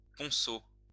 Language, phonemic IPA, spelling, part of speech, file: French, /pɔ̃.so/, ponceau, noun, LL-Q150 (fra)-ponceau.wav
- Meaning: 1. corn poppy 2. poppy colour